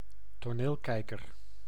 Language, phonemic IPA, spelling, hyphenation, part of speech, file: Dutch, /toːˈneːlˌkɛi̯.kər/, toneelkijker, to‧neel‧kij‧ker, noun, Nl-toneelkijker.ogg
- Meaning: opera glass